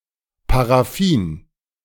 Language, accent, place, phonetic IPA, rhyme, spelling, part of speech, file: German, Germany, Berlin, [paʁaˈfiːn], -iːn, Paraffin, noun, De-Paraffin.ogg
- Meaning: paraffin, alkane